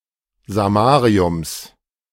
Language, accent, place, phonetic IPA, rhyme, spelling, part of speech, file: German, Germany, Berlin, [zaˈmaːʁiʊms], -aːʁiʊms, Samariums, noun, De-Samariums.ogg
- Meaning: genitive singular of Samarium